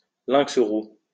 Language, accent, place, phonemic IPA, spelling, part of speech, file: French, France, Lyon, /lɛ̃ks ʁu/, lynx roux, noun, LL-Q150 (fra)-lynx roux.wav
- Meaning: bobcat (a North American wild cat, Lynx rufus)